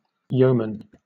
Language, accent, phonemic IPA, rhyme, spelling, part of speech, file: English, Southern England, /ˈjəʊ.mən/, -əʊmən, yeoman, noun, LL-Q1860 (eng)-yeoman.wav